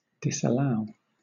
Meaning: 1. To refuse to allow 2. To reject as invalid, untrue, or improper 3. To overrule a colonial legislation by the sovereign-in-privy council
- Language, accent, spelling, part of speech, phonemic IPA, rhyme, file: English, Southern England, disallow, verb, /ˌdɪsəˈlaʊ/, -aʊ, LL-Q1860 (eng)-disallow.wav